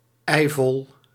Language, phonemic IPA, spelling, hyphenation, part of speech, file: Dutch, /ɛi̯ˈvɔl/, eivol, ei‧vol, adjective, Nl-eivol.ogg
- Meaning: completely full, abrim